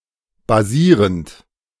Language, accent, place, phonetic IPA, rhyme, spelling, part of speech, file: German, Germany, Berlin, [baˈziːʁənt], -iːʁənt, basierend, verb, De-basierend.ogg
- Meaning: present participle of basieren